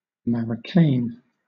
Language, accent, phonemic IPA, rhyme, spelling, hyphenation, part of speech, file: English, Southern England, /ˌmæɹəˈkeɪn/, -eɪn, marocain, ma‧roc‧ain, noun, LL-Q1860 (eng)-marocain.wav
- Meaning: A heavy crepe fabric of silk, wool, or both, having a cross-ribbed texture, used for apparel